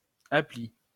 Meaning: app
- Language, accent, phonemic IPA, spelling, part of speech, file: French, France, /a.pli/, appli, noun, LL-Q150 (fra)-appli.wav